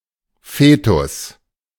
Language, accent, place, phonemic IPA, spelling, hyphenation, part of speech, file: German, Germany, Berlin, /ˈfeːtʊs/, Fetus, Fe‧tus, noun, De-Fetus.ogg
- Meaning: fetus